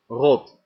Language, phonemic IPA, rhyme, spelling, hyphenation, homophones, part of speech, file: Dutch, /rɔt/, -ɔt, rot, rot, Rott, adjective / noun, Nl-rot.ogg
- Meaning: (adjective) 1. rotten, spoiled, decayed, putrid 2. rotten, tedious, unkind, mean; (noun) 1. rot (process of becoming rotten; putrefaction) 2. alternative form of rat 3. a file (of men)